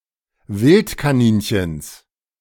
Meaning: genitive singular of Wildkaninchen
- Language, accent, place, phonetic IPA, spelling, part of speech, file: German, Germany, Berlin, [ˈvɪltkaˌniːnçəns], Wildkaninchens, noun, De-Wildkaninchens.ogg